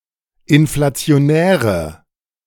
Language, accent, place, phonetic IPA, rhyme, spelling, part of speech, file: German, Germany, Berlin, [ɪnflat͡si̯oˈnɛːʁə], -ɛːʁə, inflationäre, adjective, De-inflationäre.ogg
- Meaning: inflection of inflationär: 1. strong/mixed nominative/accusative feminine singular 2. strong nominative/accusative plural 3. weak nominative all-gender singular